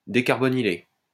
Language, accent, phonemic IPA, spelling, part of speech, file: French, France, /de.kaʁ.bɔ.ni.le/, décarbonyler, verb, LL-Q150 (fra)-décarbonyler.wav
- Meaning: to decarbonylate